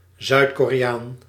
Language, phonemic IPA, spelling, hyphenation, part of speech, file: Dutch, /ˌzœy̯t.koː.reːˈaːn/, Zuid-Koreaan, Zuid-Ko‧re‧aan, noun, Nl-Zuid-Koreaan.ogg
- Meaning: South Korean, a person from South Korea